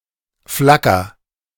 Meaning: inflection of flackern: 1. first-person singular present 2. singular imperative
- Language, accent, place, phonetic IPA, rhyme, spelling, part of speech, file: German, Germany, Berlin, [ˈflakɐ], -akɐ, flacker, verb, De-flacker.ogg